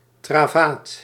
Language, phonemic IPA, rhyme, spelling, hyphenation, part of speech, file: Dutch, /traːˈvaːt/, -aːt, travaat, tra‧vaat, noun, Nl-travaat.ogg
- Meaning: a short storm with heavy rainfall and thunderstorms, usually before the coast of Guinea